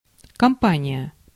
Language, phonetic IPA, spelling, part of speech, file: Russian, [kɐmˈpanʲɪjə], компания, noun, Ru-компания.ogg
- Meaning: 1. company (a group of acquaintances) 2. company, corporation